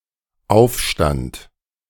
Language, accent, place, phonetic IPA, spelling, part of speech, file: German, Germany, Berlin, [ˈaʊ̯fˌʃtant], aufstand, verb, De-aufstand.ogg
- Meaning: first/third-person singular dependent preterite of aufstehen